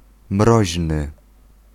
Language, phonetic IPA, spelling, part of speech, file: Polish, [ˈmrɔʑnɨ], mroźny, adjective, Pl-mroźny.ogg